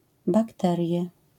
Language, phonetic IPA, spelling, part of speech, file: Polish, [bakˈtɛrʲjɛ], bakterie, noun, LL-Q809 (pol)-bakterie.wav